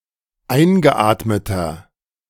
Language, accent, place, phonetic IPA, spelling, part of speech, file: German, Germany, Berlin, [ˈaɪ̯nɡəˌʔaːtmətɐ], eingeatmeter, adjective, De-eingeatmeter.ogg
- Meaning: inflection of eingeatmet: 1. strong/mixed nominative masculine singular 2. strong genitive/dative feminine singular 3. strong genitive plural